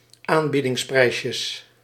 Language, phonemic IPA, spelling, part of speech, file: Dutch, /ˈambidɪŋsˌprɛiʃə/, aanbiedingsprijsjes, noun, Nl-aanbiedingsprijsjes.ogg
- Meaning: plural of aanbiedingsprijsje